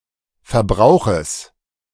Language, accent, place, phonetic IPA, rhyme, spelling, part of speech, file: German, Germany, Berlin, [fɛɐ̯ˈbʁaʊ̯xəs], -aʊ̯xəs, Verbrauches, noun, De-Verbrauches.ogg
- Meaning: genitive singular of Verbrauch